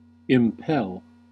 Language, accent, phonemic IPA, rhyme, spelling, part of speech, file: English, US, /ɪmˈpɛl/, -ɛl, impel, verb, En-us-impel.ogg
- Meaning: 1. To urge a person; to press on; to incite to action or motion via intrinsic motivation 2. To drive forward; to propel an object, to provide an impetus for motion or action